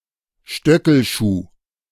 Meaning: high-heeled shoe
- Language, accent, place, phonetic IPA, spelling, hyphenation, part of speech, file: German, Germany, Berlin, [ˈʃtœkl̩ˌʃuː], Stöckelschuh, Stö‧ckel‧schuh, noun, De-Stöckelschuh.ogg